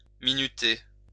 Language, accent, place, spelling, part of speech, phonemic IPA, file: French, France, Lyon, minuter, verb, /mi.ny.te/, LL-Q150 (fra)-minuter.wav
- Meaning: 1. to time 2. to take minutes (of a meeting)